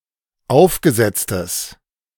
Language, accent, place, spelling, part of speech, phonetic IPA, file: German, Germany, Berlin, aufgesetztes, adjective, [ˈaʊ̯fɡəˌzɛt͡stəs], De-aufgesetztes.ogg
- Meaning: strong/mixed nominative/accusative neuter singular of aufgesetzt